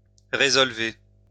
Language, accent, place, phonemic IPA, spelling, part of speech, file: French, France, Lyon, /ʁe.zɔl.ve/, résolver, verb, LL-Q150 (fra)-résolver.wav
- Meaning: to resolve; to fix